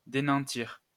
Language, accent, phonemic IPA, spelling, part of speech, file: French, France, /de.nɑ̃.tiʁ/, dénantir, verb, LL-Q150 (fra)-dénantir.wav
- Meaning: 1. to deprive of security 2. "to give up (securities)"